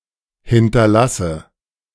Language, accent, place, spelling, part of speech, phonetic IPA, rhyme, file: German, Germany, Berlin, hinterlasse, verb, [ˌhɪntɐˈlasə], -asə, De-hinterlasse.ogg
- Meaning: inflection of hinterlassen: 1. first-person singular present 2. first/third-person singular subjunctive I 3. singular imperative